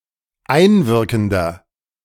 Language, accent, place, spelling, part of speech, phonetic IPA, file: German, Germany, Berlin, einwirkender, adjective, [ˈaɪ̯nˌvɪʁkn̩dɐ], De-einwirkender.ogg
- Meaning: inflection of einwirkend: 1. strong/mixed nominative masculine singular 2. strong genitive/dative feminine singular 3. strong genitive plural